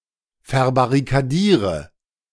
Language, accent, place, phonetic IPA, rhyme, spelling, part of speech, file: German, Germany, Berlin, [fɛɐ̯baʁikaˈdiːʁə], -iːʁə, verbarrikadiere, verb, De-verbarrikadiere.ogg
- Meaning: inflection of verbarrikadieren: 1. first-person singular present 2. first/third-person singular subjunctive I 3. singular imperative